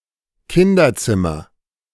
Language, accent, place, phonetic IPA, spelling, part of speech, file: German, Germany, Berlin, [ˈkɪndɐˌt͡sɪmɐ], Kinderzimmer, noun, De-Kinderzimmer.ogg
- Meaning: child's room, children's room, nursery